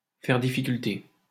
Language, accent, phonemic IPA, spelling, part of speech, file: French, France, /fɛʁ di.fi.kyl.te/, faire difficulté, verb, LL-Q150 (fra)-faire difficulté.wav
- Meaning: 1. to object to (doing something), to be reluctant to (do something), to (do something) grudgingly 2. to be problematic